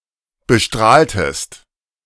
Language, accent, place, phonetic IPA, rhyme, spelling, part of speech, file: German, Germany, Berlin, [bəˈʃtʁaːltəst], -aːltəst, bestrahltest, verb, De-bestrahltest.ogg
- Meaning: inflection of bestrahlen: 1. second-person singular preterite 2. second-person singular subjunctive II